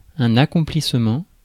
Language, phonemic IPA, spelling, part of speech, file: French, /a.kɔ̃.plis.mɑ̃/, accomplissement, noun, Fr-accomplissement.ogg
- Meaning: accomplishment, achievement, fulfillment